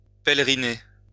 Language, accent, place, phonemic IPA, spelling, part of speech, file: French, France, Lyon, /pɛl.ʁi.ne/, pèleriner, verb, LL-Q150 (fra)-pèleriner.wav
- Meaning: to go on a pilgrimage